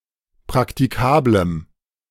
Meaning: strong dative masculine/neuter singular of praktikabel
- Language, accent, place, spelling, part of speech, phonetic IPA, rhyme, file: German, Germany, Berlin, praktikablem, adjective, [pʁaktiˈkaːbləm], -aːbləm, De-praktikablem.ogg